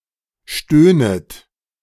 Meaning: second-person plural subjunctive I of stöhnen
- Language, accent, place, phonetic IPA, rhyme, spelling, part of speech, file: German, Germany, Berlin, [ˈʃtøːnət], -øːnət, stöhnet, verb, De-stöhnet.ogg